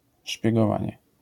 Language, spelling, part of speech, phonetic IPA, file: Polish, szpiegowanie, noun, [ˌʃpʲjɛɡɔˈvãɲɛ], LL-Q809 (pol)-szpiegowanie.wav